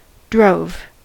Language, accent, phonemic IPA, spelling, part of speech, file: English, General American, /dɹoʊv/, drove, noun / verb, En-us-drove.ogg